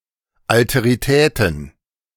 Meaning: plural of Alterität
- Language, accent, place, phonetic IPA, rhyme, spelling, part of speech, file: German, Germany, Berlin, [ˌaltəʁiˈtɛːtn̩], -ɛːtn̩, Alteritäten, noun, De-Alteritäten.ogg